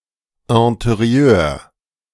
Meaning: interior
- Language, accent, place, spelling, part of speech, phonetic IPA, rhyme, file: German, Germany, Berlin, Interieur, noun, [ɛ̃teˈʁi̯øːɐ̯], -øːɐ̯, De-Interieur.ogg